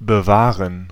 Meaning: to keep, to preserve (to maintain the condition of)
- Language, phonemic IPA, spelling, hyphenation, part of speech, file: German, /bəˈvaːʁən/, bewahren, be‧wah‧ren, verb, De-bewahren.ogg